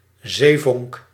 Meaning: sea sparkle, Noctiluca scintillans
- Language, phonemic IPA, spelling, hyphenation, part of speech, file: Dutch, /ˈzeː.vɔŋk/, zeevonk, zee‧vonk, noun, Nl-zeevonk.ogg